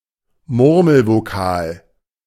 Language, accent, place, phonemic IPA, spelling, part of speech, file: German, Germany, Berlin, /ˈmʊʁməlvoˌkaːl/, Murmelvokal, noun, De-Murmelvokal.ogg
- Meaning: 1. schwa 2. any reduced vowel